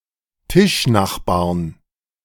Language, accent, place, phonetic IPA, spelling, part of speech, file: German, Germany, Berlin, [ˈtɪʃˌnaxbaːɐ̯n], Tischnachbarn, noun, De-Tischnachbarn.ogg
- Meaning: 1. genitive/dative/accusative singular of Tischnachbar 2. plural of Tischnachbar